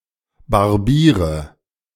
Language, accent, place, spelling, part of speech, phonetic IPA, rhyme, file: German, Germany, Berlin, Barbieren, noun, [baʁˈbiːʁən], -iːʁən, De-Barbieren.ogg
- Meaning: gerund of barbieren